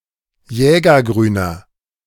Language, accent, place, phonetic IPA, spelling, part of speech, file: German, Germany, Berlin, [ˈjɛːɡɐˌɡʁyːnɐ], jägergrüner, adjective, De-jägergrüner.ogg
- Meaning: inflection of jägergrün: 1. strong/mixed nominative masculine singular 2. strong genitive/dative feminine singular 3. strong genitive plural